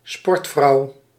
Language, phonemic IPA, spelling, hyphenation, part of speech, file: Dutch, /ˈspɔrt.frɑu̯/, sportvrouw, sport‧vrouw, noun, Nl-sportvrouw.ogg
- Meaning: sportswoman